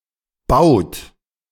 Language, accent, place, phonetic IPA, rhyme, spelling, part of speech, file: German, Germany, Berlin, [baʊ̯t], -aʊ̯t, baut, verb, De-baut.ogg
- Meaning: inflection of bauen: 1. third-person singular present 2. second-person plural present 3. plural imperative